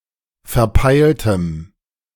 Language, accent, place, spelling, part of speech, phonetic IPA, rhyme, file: German, Germany, Berlin, verpeiltem, adjective, [fɛɐ̯ˈpaɪ̯ltəm], -aɪ̯ltəm, De-verpeiltem.ogg
- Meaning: strong dative masculine/neuter singular of verpeilt